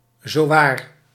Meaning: even, really, no less, indeed
- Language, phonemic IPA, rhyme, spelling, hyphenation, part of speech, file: Dutch, /zoːˈʋaːr/, -aːr, zowaar, zo‧waar, adverb, Nl-zowaar.ogg